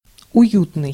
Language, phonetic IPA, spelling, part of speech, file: Russian, [ʊˈjutnɨj], уютный, adjective, Ru-уютный.ogg
- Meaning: comfortable, cosy